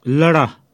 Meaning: mist, fog
- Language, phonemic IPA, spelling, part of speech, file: Pashto, /ˈlə.ɽa/, لړه, noun, Ps-لړه.wav